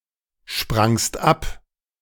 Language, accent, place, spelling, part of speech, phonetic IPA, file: German, Germany, Berlin, sprangst ab, verb, [ˌʃpʁaŋst ˈap], De-sprangst ab.ogg
- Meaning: second-person singular preterite of abspringen